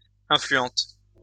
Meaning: feminine plural of influent
- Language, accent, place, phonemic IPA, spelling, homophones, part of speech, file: French, France, Lyon, /ɛ̃.fly.ɑ̃t/, influentes, influente, adjective, LL-Q150 (fra)-influentes.wav